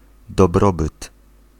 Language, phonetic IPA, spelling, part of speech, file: Polish, [dɔˈbrɔbɨt], dobrobyt, noun, Pl-dobrobyt.ogg